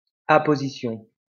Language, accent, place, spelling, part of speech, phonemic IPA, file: French, France, Lyon, apposition, noun, /a.po.zi.sjɔ̃/, LL-Q150 (fra)-apposition.wav
- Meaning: apposition